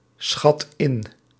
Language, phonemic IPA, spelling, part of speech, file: Dutch, /ˈsxɑt ˈɪn/, schat in, verb, Nl-schat in.ogg
- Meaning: inflection of inschatten: 1. first/second/third-person singular present indicative 2. imperative